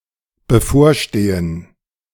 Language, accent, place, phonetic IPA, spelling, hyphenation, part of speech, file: German, Germany, Berlin, [bəˈfoːɐ̯ˌʃteːən], bevorstehen, be‧vor‧ste‧hen, verb, De-bevorstehen.ogg
- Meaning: 1. to be imminent, to impend 2. to threaten